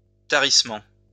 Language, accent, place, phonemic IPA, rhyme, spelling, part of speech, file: French, France, Lyon, /ta.ʁis.mɑ̃/, -ɑ̃, tarissement, noun, LL-Q150 (fra)-tarissement.wav
- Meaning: 1. drying up 2. dwindling